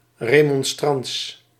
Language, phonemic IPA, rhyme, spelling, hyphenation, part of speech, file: Dutch, /ˌreː.mɔnˈstrɑnts/, -ɑnts, remonstrants, re‧mon‧strants, adjective, Nl-remonstrants.ogg
- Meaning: Remonstrant, following or belonging to the Remonstrant denomination